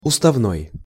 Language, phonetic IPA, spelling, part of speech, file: Russian, [ʊstɐvˈnoj], уставной, adjective, Ru-уставной.ogg
- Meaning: 1. regulatory, statutory 2. authorized